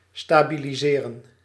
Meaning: 1. to stabilize (make stable) 2. to stabilize (become stable)
- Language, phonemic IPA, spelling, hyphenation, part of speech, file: Dutch, /staː.bi.liˈzeː.rə(n)/, stabiliseren, sta‧bi‧li‧se‧ren, verb, Nl-stabiliseren.ogg